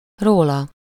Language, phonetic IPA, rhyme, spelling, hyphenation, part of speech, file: Hungarian, [ˈroːlɒ], -lɒ, róla, ró‧la, pronoun, Hu-róla.ogg
- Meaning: 1. about him/her/it 2. off him/her/it